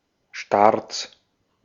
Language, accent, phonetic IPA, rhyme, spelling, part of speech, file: German, Austria, [ʃtaʁt͡s], -aʁt͡s, Starts, noun, De-at-Starts.ogg
- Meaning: plural of Start